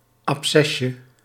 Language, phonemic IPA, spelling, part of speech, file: Dutch, /ɑpˈsɛʃə/, abcesje, noun, Nl-abcesje.ogg
- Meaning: diminutive of abces